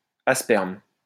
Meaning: 1. aspermous 2. aspermic (unable to produce sperm)
- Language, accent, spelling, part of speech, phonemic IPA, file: French, France, asperme, adjective, /a.spɛʁm/, LL-Q150 (fra)-asperme.wav